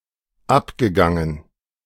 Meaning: past participle of abgehen
- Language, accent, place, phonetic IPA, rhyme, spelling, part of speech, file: German, Germany, Berlin, [ˈapɡəˌɡaŋən], -apɡəɡaŋən, abgegangen, verb, De-abgegangen.ogg